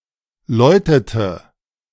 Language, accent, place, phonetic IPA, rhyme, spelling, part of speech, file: German, Germany, Berlin, [ˈlɔɪ̯tətə], -ɔɪ̯tətə, läutete, verb, De-läutete.ogg
- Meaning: inflection of läuten: 1. first/third-person singular preterite 2. first/third-person singular subjunctive II